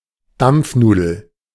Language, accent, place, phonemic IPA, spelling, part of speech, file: German, Germany, Berlin, /ˈdamp͡fˌnuːdl̩/, Dampfnudel, noun, De-Dampfnudel.ogg
- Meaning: yeast dumpling (often sweet but sometimes savory)